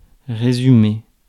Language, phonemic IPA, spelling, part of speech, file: French, /ʁe.zy.me/, résumer, verb, Fr-résumer.ogg
- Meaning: 1. to summarize, to sum up 2. to come down to, to boil down to